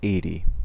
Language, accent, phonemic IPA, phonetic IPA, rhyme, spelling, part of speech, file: English, US, /ˈeɪ.ti/, [ˈ(ʔ)eɪ̯ɾi], -eɪti, eighty, numeral, En-us-eighty.ogg
- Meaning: The cardinal number occurring after seventy-nine and before eighty-one, represented in Roman numerals as LXXX and in Arabic numerals as 80